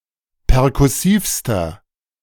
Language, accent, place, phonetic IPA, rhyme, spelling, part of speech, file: German, Germany, Berlin, [pɛʁkʊˈsiːfstɐ], -iːfstɐ, perkussivster, adjective, De-perkussivster.ogg
- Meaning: inflection of perkussiv: 1. strong/mixed nominative masculine singular superlative degree 2. strong genitive/dative feminine singular superlative degree 3. strong genitive plural superlative degree